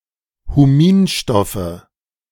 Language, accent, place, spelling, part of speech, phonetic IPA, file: German, Germany, Berlin, Huminstoffe, noun, [huˈmiːnˌʃtɔfə], De-Huminstoffe.ogg
- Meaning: nominative/accusative/genitive plural of Huminstoff